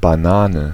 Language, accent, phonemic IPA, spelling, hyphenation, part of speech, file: German, Germany, /baˈnaːnə/, Banane, Ba‧na‧ne, noun, De-Banane.ogg
- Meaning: banana (fruit or tree)